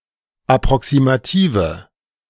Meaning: inflection of approximativ: 1. strong/mixed nominative/accusative feminine singular 2. strong nominative/accusative plural 3. weak nominative all-gender singular
- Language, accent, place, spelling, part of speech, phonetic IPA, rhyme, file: German, Germany, Berlin, approximative, adjective, [apʁɔksimaˈtiːvə], -iːvə, De-approximative.ogg